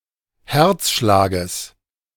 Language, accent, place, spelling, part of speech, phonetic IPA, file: German, Germany, Berlin, Herzschlages, noun, [ˈhɛʁt͡sˌʃlaːɡəs], De-Herzschlages.ogg
- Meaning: genitive singular of Herzschlag